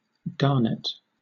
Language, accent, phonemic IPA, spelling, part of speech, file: English, Southern England, /ˈɡɑː(ɹ).nət/, garnet, noun / adjective / verb, LL-Q1860 (eng)-garnet.wav
- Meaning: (noun) 1. A hard transparent mineral that is often used as gemstones and abrasives 2. A dark red color, like that of the gemstone; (adjective) Of a dark red colour